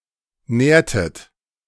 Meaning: inflection of nähren: 1. second-person plural preterite 2. second-person plural subjunctive II
- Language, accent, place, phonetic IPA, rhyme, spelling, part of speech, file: German, Germany, Berlin, [ˈnɛːɐ̯tət], -ɛːɐ̯tət, nährtet, verb, De-nährtet.ogg